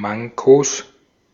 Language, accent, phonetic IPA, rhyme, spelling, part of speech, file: German, Austria, [ˈmaŋkos], -aŋkos, Mankos, noun, De-at-Mankos.ogg
- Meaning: 1. genitive singular of Manko 2. plural of Manko